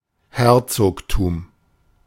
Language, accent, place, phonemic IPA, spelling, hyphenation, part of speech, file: German, Germany, Berlin, /ˈhɛʁtsoːktuːm/, Herzogtum, Her‧zog‧tum, noun, De-Herzogtum.ogg
- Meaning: duchy (a country ruled by a duke)